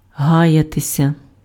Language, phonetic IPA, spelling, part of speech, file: Ukrainian, [ˈɦajɐtesʲɐ], гаятися, verb, Uk-гаятися.ogg
- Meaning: 1. to linger, to tarry, to delay, to loiter 2. passive of га́яти impf (hájaty)